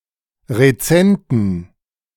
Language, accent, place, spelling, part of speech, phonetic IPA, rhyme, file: German, Germany, Berlin, rezenten, adjective, [ʁeˈt͡sɛntn̩], -ɛntn̩, De-rezenten.ogg
- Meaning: inflection of rezent: 1. strong genitive masculine/neuter singular 2. weak/mixed genitive/dative all-gender singular 3. strong/weak/mixed accusative masculine singular 4. strong dative plural